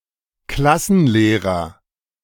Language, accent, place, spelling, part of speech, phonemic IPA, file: German, Germany, Berlin, Klassenlehrer, noun, /ˈklasənˌleːʁɐ/, De-Klassenlehrer.ogg
- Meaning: class teacher, classroom teacher, homeroom teacher; form tutor; form master (teacher who is responsible for a particular form)